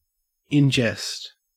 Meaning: As a joke
- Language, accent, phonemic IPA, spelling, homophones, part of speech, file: English, Australia, /ˈɪn ˌd͡ʒɛst/, in jest, ingest, prepositional phrase, En-au-in jest.ogg